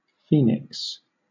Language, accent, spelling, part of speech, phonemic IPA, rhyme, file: English, Southern England, phoenix, noun / verb, /ˈfiːnɪks/, -iːnɪks, LL-Q1860 (eng)-phoenix.wav